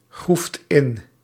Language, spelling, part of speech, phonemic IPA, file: Dutch, groeft in, verb, /ˈɣruft ˈɪn/, Nl-groeft in.ogg
- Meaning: second-person (gij) singular past indicative of ingraven